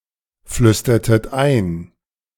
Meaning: inflection of einflüstern: 1. second-person plural preterite 2. second-person plural subjunctive II
- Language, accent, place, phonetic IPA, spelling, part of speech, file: German, Germany, Berlin, [ˌflʏstɐtət ˈaɪ̯n], flüstertet ein, verb, De-flüstertet ein.ogg